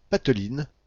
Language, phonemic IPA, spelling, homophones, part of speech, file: French, /pat.lin/, pateline, patelines / patelinent, adjective / verb, FR-pateline.ogg
- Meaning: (adjective) feminine singular of patelin; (verb) inflection of pateliner: 1. first/third-person singular present indicative/subjunctive 2. second-person singular imperative